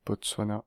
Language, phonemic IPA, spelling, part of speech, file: French, /bɔt.swa.na/, Botswana, proper noun, Fr-Botswana.ogg
- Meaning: Botswana (a country in Southern Africa)